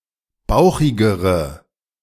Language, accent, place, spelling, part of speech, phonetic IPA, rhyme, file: German, Germany, Berlin, bauchigere, adjective, [ˈbaʊ̯xɪɡəʁə], -aʊ̯xɪɡəʁə, De-bauchigere.ogg
- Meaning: inflection of bauchig: 1. strong/mixed nominative/accusative feminine singular comparative degree 2. strong nominative/accusative plural comparative degree